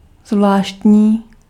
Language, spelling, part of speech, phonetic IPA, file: Czech, zvláštní, adjective, [ˈzvlaːʃtɲiː], Cs-zvláštní.ogg
- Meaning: 1. special 2. strange, peculiar, curious, particular